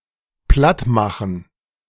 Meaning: 1. to flatten 2. to destroy
- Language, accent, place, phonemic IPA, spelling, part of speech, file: German, Germany, Berlin, /ˈplatˌmaxn̩/, plattmachen, verb, De-plattmachen.ogg